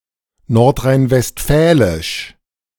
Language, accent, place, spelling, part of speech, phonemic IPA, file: German, Germany, Berlin, nordrhein-westfälisch, adjective, /ˈnɔʁtʁaɪ̯nvɛstˈfɛlɪʃ/, De-nordrhein-westfälisch.ogg
- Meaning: of North Rhine-Westphalia